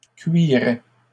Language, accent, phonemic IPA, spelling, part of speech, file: French, Canada, /kɥi.ʁɛ/, cuirais, verb, LL-Q150 (fra)-cuirais.wav
- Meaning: 1. first/second-person singular imperfect indicative of cuirer 2. first/second-person singular conditional of cuire